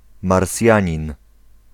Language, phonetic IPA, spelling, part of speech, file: Polish, [marˈsʲjä̃ɲĩn], Marsjanin, noun, Pl-Marsjanin.ogg